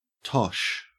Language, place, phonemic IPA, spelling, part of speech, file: English, Queensland, /tɔʃ/, tosh, noun / verb / adjective / adverb, En-au-tosh.ogg
- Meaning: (noun) 1. Copper; items made of copper 2. Valuables retrieved from drains and sewers 3. Rubbish, trash, (now especially) nonsense, bosh, balderdash 4. A bath or foot pan 5. Easy bowling